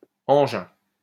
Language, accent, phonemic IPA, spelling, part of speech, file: French, France, /ɑ̃.ʒɛ̃/, engin, noun, LL-Q150 (fra)-engin.wav
- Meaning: 1. any device, contraption or machinery, particularly a complex, dangerous or powerful one 2. a piece of military equipment 3. a piece of heavy machinery